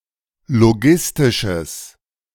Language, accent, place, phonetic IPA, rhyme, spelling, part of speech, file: German, Germany, Berlin, [loˈɡɪstɪʃəs], -ɪstɪʃəs, logistisches, adjective, De-logistisches.ogg
- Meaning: strong/mixed nominative/accusative neuter singular of logistisch